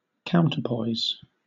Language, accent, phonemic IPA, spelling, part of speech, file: English, Southern England, /ˈkaʊntə(ɹ)ˌpɔɪz/, counterpoise, noun / verb, LL-Q1860 (eng)-counterpoise.wav
- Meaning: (noun) A weight sufficient to balance another, for example in the opposite end of scales; an equal weight